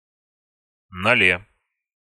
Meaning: prepositional singular of ноль (nolʹ)
- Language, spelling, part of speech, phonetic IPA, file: Russian, ноле, noun, [nɐˈlʲe], Ru-ноле.ogg